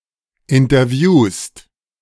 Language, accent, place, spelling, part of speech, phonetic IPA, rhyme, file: German, Germany, Berlin, interviewst, verb, [ɪntɐˈvjuːst], -uːst, De-interviewst.ogg
- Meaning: second-person singular present of interviewen